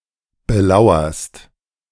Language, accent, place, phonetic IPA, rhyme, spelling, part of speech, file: German, Germany, Berlin, [bəˈlaʊ̯ɐst], -aʊ̯ɐst, belauerst, verb, De-belauerst.ogg
- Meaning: second-person singular present of belauern